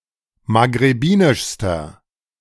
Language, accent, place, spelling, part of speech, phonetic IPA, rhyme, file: German, Germany, Berlin, maghrebinischster, adjective, [maɡʁeˈbiːnɪʃstɐ], -iːnɪʃstɐ, De-maghrebinischster.ogg
- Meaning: inflection of maghrebinisch: 1. strong/mixed nominative masculine singular superlative degree 2. strong genitive/dative feminine singular superlative degree